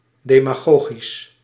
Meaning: demagogic
- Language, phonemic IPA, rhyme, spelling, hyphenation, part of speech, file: Dutch, /ˌdeː.maːˈɣoː.ɣis/, -oːɣis, demagogisch, de‧ma‧go‧gisch, adjective, Nl-demagogisch.ogg